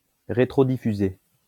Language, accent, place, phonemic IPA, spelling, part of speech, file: French, France, Lyon, /ʁe.tʁɔ.di.fy.ze/, rétrodiffuser, verb, LL-Q150 (fra)-rétrodiffuser.wav
- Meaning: to backscatter